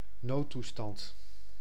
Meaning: state of emergency
- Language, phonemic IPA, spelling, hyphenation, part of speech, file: Dutch, /ˈnoːˌtu.stɑnt/, noodtoestand, nood‧toe‧stand, noun, Nl-noodtoestand.ogg